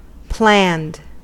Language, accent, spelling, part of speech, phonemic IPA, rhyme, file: English, US, planned, verb / adjective, /plænd/, -ænd, En-us-planned.ogg
- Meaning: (verb) simple past and past participle of plan; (adjective) 1. Existing or designed according to a plan 2. at or through the planning stage, but not yet implemented or started